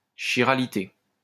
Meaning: chirality (a property of asymmetry important in several branches of science)
- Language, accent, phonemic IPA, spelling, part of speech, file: French, France, /ki.ʁa.li.te/, chiralité, noun, LL-Q150 (fra)-chiralité.wav